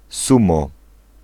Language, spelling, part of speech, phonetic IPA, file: Polish, sumo, noun, [ˈsũmɔ], Pl-sumo.ogg